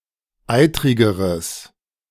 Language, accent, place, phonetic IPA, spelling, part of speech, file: German, Germany, Berlin, [ˈaɪ̯tʁɪɡəʁəs], eitrigeres, adjective, De-eitrigeres.ogg
- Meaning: strong/mixed nominative/accusative neuter singular comparative degree of eitrig